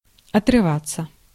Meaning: 1. to come off; to tear off; to be torn off 2. to take off 3. to turn away, to tear oneself away (from work, a book. etc.) 4. to separate, to disengage (from pursuit) 5. to lose contact (with someone)
- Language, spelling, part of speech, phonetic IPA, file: Russian, отрываться, verb, [ɐtrɨˈvat͡sːə], Ru-отрываться.ogg